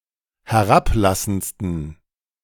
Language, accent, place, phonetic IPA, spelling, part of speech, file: German, Germany, Berlin, [hɛˈʁapˌlasn̩t͡stən], herablassendsten, adjective, De-herablassendsten.ogg
- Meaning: 1. superlative degree of herablassend 2. inflection of herablassend: strong genitive masculine/neuter singular superlative degree